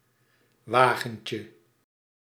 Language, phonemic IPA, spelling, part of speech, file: Dutch, /ˈwaɣəɲcə/, wagentje, noun, Nl-wagentje.ogg
- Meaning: diminutive of wagen